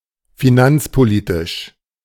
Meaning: fiscal
- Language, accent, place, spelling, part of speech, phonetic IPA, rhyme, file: German, Germany, Berlin, finanzpolitisch, adjective, [fiˈnant͡spoˌliːtɪʃ], -ant͡spoliːtɪʃ, De-finanzpolitisch.ogg